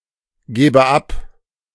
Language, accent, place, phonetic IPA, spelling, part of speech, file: German, Germany, Berlin, [ˌɡɛːbə ˈap], gäbe ab, verb, De-gäbe ab.ogg
- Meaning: first/third-person singular subjunctive II of abgeben